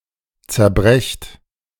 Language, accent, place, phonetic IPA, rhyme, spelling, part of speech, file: German, Germany, Berlin, [t͡sɛɐ̯ˈbʁɛçt], -ɛçt, zerbrecht, verb, De-zerbrecht.ogg
- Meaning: inflection of zerbrechen: 1. second-person plural present 2. plural imperative